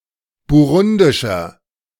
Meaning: inflection of burundisch: 1. strong/mixed nominative masculine singular 2. strong genitive/dative feminine singular 3. strong genitive plural
- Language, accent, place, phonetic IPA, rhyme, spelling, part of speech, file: German, Germany, Berlin, [buˈʁʊndɪʃɐ], -ʊndɪʃɐ, burundischer, adjective, De-burundischer.ogg